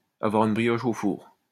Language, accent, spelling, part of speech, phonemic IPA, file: French, France, avoir une brioche au four, verb, /a.vwa.ʁ‿yn bʁi.jɔʃ o fuʁ/, LL-Q150 (fra)-avoir une brioche au four.wav
- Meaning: to have a bun in the oven